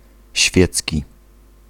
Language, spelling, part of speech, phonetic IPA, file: Polish, świecki, adjective / noun, [ˈɕfʲjɛt͡sʲci], Pl-świecki.ogg